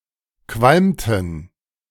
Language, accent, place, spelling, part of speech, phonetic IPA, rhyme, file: German, Germany, Berlin, qualmten, verb, [ˈkvalmtn̩], -almtn̩, De-qualmten.ogg
- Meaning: inflection of qualmen: 1. first/third-person plural preterite 2. first/third-person plural subjunctive II